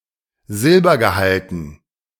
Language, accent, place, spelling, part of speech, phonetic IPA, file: German, Germany, Berlin, Silbergehalten, noun, [ˈzɪlbɐɡəˌhaltn̩], De-Silbergehalten.ogg
- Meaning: dative plural of Silbergehalt